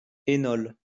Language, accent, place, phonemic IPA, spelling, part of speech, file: French, France, Lyon, /e.nɔl/, énol, noun, LL-Q150 (fra)-énol.wav
- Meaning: enol